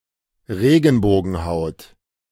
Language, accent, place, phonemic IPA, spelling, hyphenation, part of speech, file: German, Germany, Berlin, /ˈʁeːɡn̩boːɡn̩ˌhaʊ̯t/, Regenbogenhaut, Re‧gen‧bo‧gen‧haut, noun, De-Regenbogenhaut.ogg
- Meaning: iris